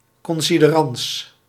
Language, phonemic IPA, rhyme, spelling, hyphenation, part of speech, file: Dutch, /ˌkɔn.si.dəˈrɑns/, -ɑns, considerans, con‧si‧de‧rans, noun, Nl-considerans.ogg
- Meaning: a consideration, something taken into account to reach a decision, notably a legal one, such as a verdict or deed